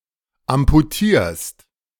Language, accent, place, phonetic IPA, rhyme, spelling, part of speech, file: German, Germany, Berlin, [ampuˈtiːɐ̯st], -iːɐ̯st, amputierst, verb, De-amputierst.ogg
- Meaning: second-person singular present of amputieren